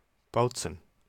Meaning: 1. Bautzen (a town and rural district of Saxony, Germany) 2. 11580 Bautzen (an asteroid)
- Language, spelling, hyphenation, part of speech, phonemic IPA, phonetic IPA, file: German, Bautzen, Baut‧zen, proper noun, /ˈbaʊ̯tsən/, [ˈbaʊ̯.t͡sn̩], De-Bautzen.ogg